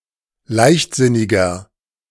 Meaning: 1. comparative degree of leichtsinnig 2. inflection of leichtsinnig: strong/mixed nominative masculine singular 3. inflection of leichtsinnig: strong genitive/dative feminine singular
- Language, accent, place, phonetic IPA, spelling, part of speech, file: German, Germany, Berlin, [ˈlaɪ̯çtˌzɪnɪɡɐ], leichtsinniger, adjective, De-leichtsinniger.ogg